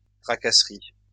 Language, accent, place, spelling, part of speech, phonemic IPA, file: French, France, Lyon, tracasserie, noun, /tʁa.ka.sʁi/, LL-Q150 (fra)-tracasserie.wav
- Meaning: 1. hassle, annoyance 2. harassment